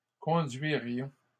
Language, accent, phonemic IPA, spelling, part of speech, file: French, Canada, /kɔ̃.dɥi.ʁjɔ̃/, conduirions, verb, LL-Q150 (fra)-conduirions.wav
- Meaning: first-person plural conditional of conduire